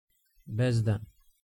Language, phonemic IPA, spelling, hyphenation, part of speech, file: Serbo-Croatian, /bězdan/, bezdan, bez‧dan, noun, Sr-Bezdan.ogg
- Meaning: 1. abyss 2. gulf 3. precipice